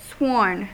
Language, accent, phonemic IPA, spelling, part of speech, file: English, US, /swɔɹn/, sworn, verb / adjective, En-us-sworn.ogg
- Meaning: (verb) past participle of swear; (adjective) 1. Given or declared under oath 2. Bound as though by an oath 3. Ardent, devout